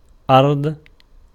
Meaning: 1. earth, land 2. Earth, earth 3. country, land 4. ground, bottom, lowest surface 5. agricultural ground specifically, cropland
- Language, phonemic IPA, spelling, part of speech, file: Arabic, /ʔardˤ/, أرض, noun, Ar-أرض.ogg